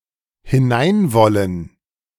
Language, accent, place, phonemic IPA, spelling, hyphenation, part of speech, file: German, Germany, Berlin, /hɪˈnaɪ̯nˌvɔlən/, hineinwollen, hi‧n‧ein‧wol‧len, verb, De-hineinwollen.ogg
- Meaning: to want to enter